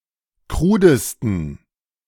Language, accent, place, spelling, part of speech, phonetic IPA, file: German, Germany, Berlin, krudesten, adjective, [ˈkʁuːdəstn̩], De-krudesten.ogg
- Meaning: 1. superlative degree of krud 2. inflection of krud: strong genitive masculine/neuter singular superlative degree